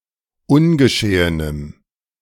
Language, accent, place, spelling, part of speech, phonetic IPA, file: German, Germany, Berlin, ungeschehenem, adjective, [ˈʊnɡəˌʃeːənəm], De-ungeschehenem.ogg
- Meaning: strong dative masculine/neuter singular of ungeschehen